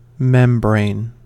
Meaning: A flexible enclosing or separating tissue forming a plane or film and separating two environments.: A mechanical, thin, flat flexible part that can deform or vibrate when excited by an external force
- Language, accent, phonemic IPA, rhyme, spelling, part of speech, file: English, General American, /ˈmɛm.bɹeɪn/, -ɛmbɹeɪn, membrane, noun, En-us-membrane.ogg